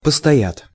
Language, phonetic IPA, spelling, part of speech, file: Russian, [pəstɐˈjat], постоят, verb, Ru-постоят.ogg
- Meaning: third-person plural future indicative perfective of постоя́ть (postojátʹ)